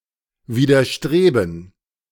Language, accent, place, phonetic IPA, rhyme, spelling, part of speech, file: German, Germany, Berlin, [viːdɐˈʃtʁeːbn̩], -eːbn̩, Widerstreben, noun, De-Widerstreben.ogg
- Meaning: gerund of widerstreben